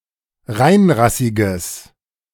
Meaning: strong/mixed nominative/accusative neuter singular of reinrassig
- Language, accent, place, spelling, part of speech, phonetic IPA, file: German, Germany, Berlin, reinrassiges, adjective, [ˈʁaɪ̯nˌʁasɪɡəs], De-reinrassiges.ogg